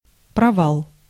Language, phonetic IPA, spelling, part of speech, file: Russian, [prɐˈvaɫ], провал, noun, Ru-провал.ogg
- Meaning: 1. collapse 2. hole, depression 3. failure, flop